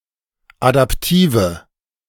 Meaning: inflection of adaptiv: 1. strong/mixed nominative/accusative feminine singular 2. strong nominative/accusative plural 3. weak nominative all-gender singular 4. weak accusative feminine/neuter singular
- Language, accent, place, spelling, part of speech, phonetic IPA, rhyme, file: German, Germany, Berlin, adaptive, adjective, [adapˈtiːvə], -iːvə, De-adaptive.ogg